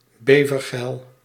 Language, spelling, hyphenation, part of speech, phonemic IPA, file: Dutch, bevergeil, be‧ver‧geil, noun, /beː.vərˌɣɛi̯l/, Nl-bevergeil.ogg
- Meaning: castoreum